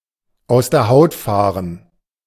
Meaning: to fly off the handle
- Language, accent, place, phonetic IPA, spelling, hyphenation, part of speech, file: German, Germany, Berlin, [aʊ̯s deːɐ̯ haʊ̯t ˈfaːʁən], aus der Haut fahren, aus der Haut fah‧ren, verb, De-aus der Haut fahren.ogg